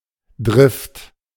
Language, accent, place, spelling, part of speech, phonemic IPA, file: German, Germany, Berlin, Drift, noun, /dʁɪft/, De-Drift.ogg
- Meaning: 1. violent stream or swell (of the sea) 2. drift, drifting (movement caused by external powers such as current or wind) 3. drift, tendency, gradual long-term development